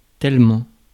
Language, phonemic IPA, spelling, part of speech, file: French, /tɛl.mɑ̃/, tellement, adverb, Fr-tellement.ogg
- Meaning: 1. so; so much; very 2. so much (singular); so many (plural) 3. so much (gives a reason for the preceding statement)